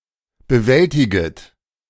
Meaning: second-person plural subjunctive I of bewältigen
- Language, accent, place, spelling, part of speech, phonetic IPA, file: German, Germany, Berlin, bewältiget, verb, [bəˈvɛltɪɡət], De-bewältiget.ogg